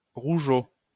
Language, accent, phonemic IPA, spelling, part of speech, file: French, France, /ʁu.ʒo/, rougeaud, adjective, LL-Q150 (fra)-rougeaud.wav
- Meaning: red-faced